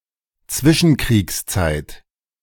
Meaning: 1. interbellum, interwar period (time between two wars) 2. the period between World War I and World War II (1918 to 1939)
- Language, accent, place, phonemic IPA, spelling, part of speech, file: German, Germany, Berlin, /ˈtsvɪʃənˌkʁiːksˌtsaɪ̯t/, Zwischenkriegszeit, noun, De-Zwischenkriegszeit.ogg